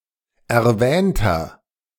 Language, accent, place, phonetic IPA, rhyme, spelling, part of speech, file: German, Germany, Berlin, [ɛɐ̯ˈvɛːntɐ], -ɛːntɐ, erwähnter, adjective, De-erwähnter.ogg
- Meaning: inflection of erwähnt: 1. strong/mixed nominative masculine singular 2. strong genitive/dative feminine singular 3. strong genitive plural